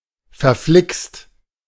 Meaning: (adjective) darned, blooming; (adverb) confoundedly; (interjection) Darn!
- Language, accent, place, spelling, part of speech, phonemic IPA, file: German, Germany, Berlin, verflixt, adjective / adverb / interjection, /fɛɐ̯ˈflɪkst/, De-verflixt.ogg